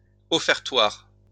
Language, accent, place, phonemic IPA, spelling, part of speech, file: French, France, Lyon, /ɔ.fɛʁ.twaʁ/, offertoire, noun, LL-Q150 (fra)-offertoire.wav
- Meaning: offertory